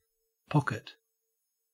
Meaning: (noun) 1. A bag stitched to an item of clothing, used for carrying small items 2. A person's financial resources
- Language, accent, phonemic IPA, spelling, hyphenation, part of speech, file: English, Australia, /ˈpɔk.ɪt/, pocket, pock‧et, noun / verb / adjective, En-au-pocket.ogg